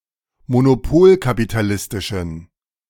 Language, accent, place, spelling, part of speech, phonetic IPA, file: German, Germany, Berlin, monopolkapitalistischen, adjective, [monoˈpoːlkapitaˌlɪstɪʃn̩], De-monopolkapitalistischen.ogg
- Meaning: inflection of monopolkapitalistisch: 1. strong genitive masculine/neuter singular 2. weak/mixed genitive/dative all-gender singular 3. strong/weak/mixed accusative masculine singular